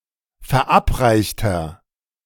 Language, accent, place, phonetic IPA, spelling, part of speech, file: German, Germany, Berlin, [fɛɐ̯ˈʔapˌʁaɪ̯çtɐ], verabreichter, adjective, De-verabreichter.ogg
- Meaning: inflection of verabreicht: 1. strong/mixed nominative masculine singular 2. strong genitive/dative feminine singular 3. strong genitive plural